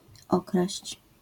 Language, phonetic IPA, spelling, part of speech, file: Polish, [ˈɔkraɕt͡ɕ], okraść, verb, LL-Q809 (pol)-okraść.wav